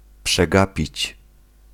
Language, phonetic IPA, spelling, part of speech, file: Polish, [pʃɛˈɡapʲit͡ɕ], przegapić, verb, Pl-przegapić.ogg